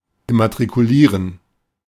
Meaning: to register, enroll
- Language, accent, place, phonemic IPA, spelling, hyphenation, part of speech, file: German, Germany, Berlin, /ɪmatʁikuˈliːʁən/, immatrikulieren, im‧ma‧t‧ri‧ku‧lie‧ren, verb, De-immatrikulieren.ogg